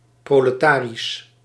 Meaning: proletarian
- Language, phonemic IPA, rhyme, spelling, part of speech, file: Dutch, /ˌproː.ləˈtaː.ris/, -aːris, proletarisch, adjective, Nl-proletarisch.ogg